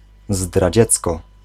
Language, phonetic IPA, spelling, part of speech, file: Polish, [zdraˈd͡ʑɛt͡skɔ], zdradziecko, adverb, Pl-zdradziecko.ogg